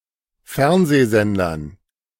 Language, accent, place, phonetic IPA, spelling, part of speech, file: German, Germany, Berlin, [ˈfɛʁnzeːˌzɛndɐn], Fernsehsendern, noun, De-Fernsehsendern.ogg
- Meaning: dative plural of Fernsehsender